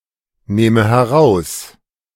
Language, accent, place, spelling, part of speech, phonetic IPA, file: German, Germany, Berlin, nehme heraus, verb, [ˌneːmə hɛˈʁaʊ̯s], De-nehme heraus.ogg
- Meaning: inflection of herausnehmen: 1. first-person singular present 2. first/third-person singular subjunctive I